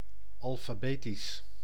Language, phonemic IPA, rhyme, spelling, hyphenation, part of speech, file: Dutch, /ɑl.faːˈbeː.tis/, -eːtis, alfabetisch, al‧fa‧be‧tisch, adjective, Nl-alfabetisch.ogg
- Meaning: alphabetical (in the order of the letters of the alphabet)